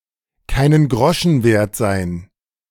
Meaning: to not be worth a dime
- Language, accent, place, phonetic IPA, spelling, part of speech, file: German, Germany, Berlin, [ˌkaɪ̯nən ˈɡʁɔʃn̩ ˌveːɐ̯t zaɪ̯n], keinen Groschen wert sein, phrase, De-keinen Groschen wert sein.ogg